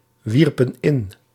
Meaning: inflection of inwerpen: 1. plural past indicative 2. plural past subjunctive
- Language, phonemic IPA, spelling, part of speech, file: Dutch, /ˈwirpə(n) ˈɪn/, wierpen in, verb, Nl-wierpen in.ogg